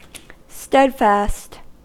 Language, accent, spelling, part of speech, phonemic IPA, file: English, US, steadfast, adjective, /ˈstɛdfæst/, En-us-steadfast.ogg
- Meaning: 1. Fixed or unchanging; steady 2. Firmly loyal or constant; unswerving